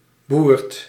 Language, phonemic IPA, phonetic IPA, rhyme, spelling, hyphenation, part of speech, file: Dutch, /ˈburt/, [buːrt], -uːrt, boert, boert, noun / verb, Nl-boert.ogg
- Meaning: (noun) 1. farce 2. joke, prank 3. jest, mockery; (verb) inflection of boeren: 1. second/third-person singular present indicative 2. plural imperative